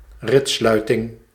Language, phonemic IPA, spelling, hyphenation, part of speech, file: Dutch, /ˈrɪtˌslœy̯.tɪŋ/, ritssluiting, rits‧slui‧ting, noun, Nl-ritssluiting.ogg
- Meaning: zip fastener, zip, zipper